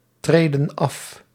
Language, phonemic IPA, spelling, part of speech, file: Dutch, /ˈtredə(n) ˈɑf/, treden af, verb, Nl-treden af.ogg
- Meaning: inflection of aftreden: 1. plural present indicative 2. plural present subjunctive